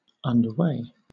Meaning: In motion, in progress; being done or carried out; on a journey
- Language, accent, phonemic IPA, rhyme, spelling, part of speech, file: English, Southern England, /ʌndəˈweɪ/, -eɪ, underway, adverb, LL-Q1860 (eng)-underway.wav